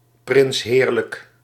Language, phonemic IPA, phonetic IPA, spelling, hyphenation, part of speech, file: Dutch, /ˌprɪnsˈɦeːr.lək/, [ˌprɪnsˈɦɪːr.lək], prinsheerlijk, prins‧heer‧lijk, adverb / adjective, Nl-prinsheerlijk.ogg
- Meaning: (adverb) very comfortably, delightfully; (adjective) very comfortable, delightful